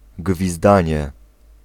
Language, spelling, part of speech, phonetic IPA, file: Polish, gwizdanie, noun, [ɡvʲizˈdãɲɛ], Pl-gwizdanie.ogg